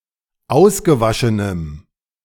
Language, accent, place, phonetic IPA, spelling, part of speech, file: German, Germany, Berlin, [ˈaʊ̯sɡəˌvaʃənəm], ausgewaschenem, adjective, De-ausgewaschenem.ogg
- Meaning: strong dative masculine/neuter singular of ausgewaschen